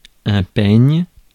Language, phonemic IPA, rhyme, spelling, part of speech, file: French, /pɛɲ/, -ɛɲ, peigne, noun / verb, Fr-peigne.ogg
- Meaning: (noun) comb (toothed implement); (verb) inflection of peigner: 1. first/third-person singular present indicative/subjunctive 2. second-person singular imperative